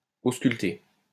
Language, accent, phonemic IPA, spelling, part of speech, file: French, France, /os.kyl.te/, ausculter, verb, LL-Q150 (fra)-ausculter.wav
- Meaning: to perform auscultation